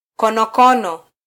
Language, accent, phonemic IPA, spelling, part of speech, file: Swahili, Kenya, /kɔ.nɔˈkɔ.nɔ/, konokono, noun, Sw-ke-konokono.flac
- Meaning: snail